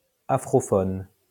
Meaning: Afrophone
- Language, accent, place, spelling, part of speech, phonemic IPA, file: French, France, Lyon, afrophone, adjective, /a.fʁɔ.fɔn/, LL-Q150 (fra)-afrophone.wav